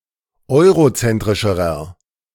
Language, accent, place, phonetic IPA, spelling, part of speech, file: German, Germany, Berlin, [ˈɔɪ̯ʁoˌt͡sɛntʁɪʃəʁɐ], eurozentrischerer, adjective, De-eurozentrischerer.ogg
- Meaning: inflection of eurozentrisch: 1. strong/mixed nominative masculine singular comparative degree 2. strong genitive/dative feminine singular comparative degree